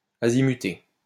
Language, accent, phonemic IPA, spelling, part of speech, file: French, France, /a.zi.my.te/, azimuter, verb, LL-Q150 (fra)-azimuter.wav
- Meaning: synonym of viser